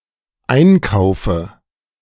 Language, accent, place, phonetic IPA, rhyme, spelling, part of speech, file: German, Germany, Berlin, [ˈaɪ̯nˌkaʊ̯fə], -aɪ̯nkaʊ̯fə, Einkaufe, noun, De-Einkaufe.ogg
- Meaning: dative singular of Einkauf